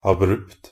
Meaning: abrupt (having sudden transitions from one subject or state to another; unconnected; disjointed)
- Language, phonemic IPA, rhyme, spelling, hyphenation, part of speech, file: Norwegian Bokmål, /aˈbrʉpt/, -ʉpt, abrupt, ab‧rupt, adjective, NB - Pronunciation of Norwegian Bokmål «abrupt».ogg